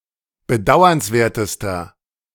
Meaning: inflection of bedauernswert: 1. strong/mixed nominative masculine singular superlative degree 2. strong genitive/dative feminine singular superlative degree
- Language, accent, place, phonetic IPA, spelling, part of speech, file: German, Germany, Berlin, [bəˈdaʊ̯ɐnsˌveːɐ̯təstɐ], bedauernswertester, adjective, De-bedauernswertester.ogg